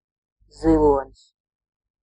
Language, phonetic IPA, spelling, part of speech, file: Latvian, [ziluònis], zilonis, noun, Lv-zilonis.ogg
- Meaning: elephant (fam. Elephantidae)